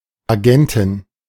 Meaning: agent (female equivalent of Agent)
- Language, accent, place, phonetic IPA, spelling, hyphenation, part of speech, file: German, Germany, Berlin, [aˈɡɛntɪn], Agentin, Agen‧tin, noun, De-Agentin.ogg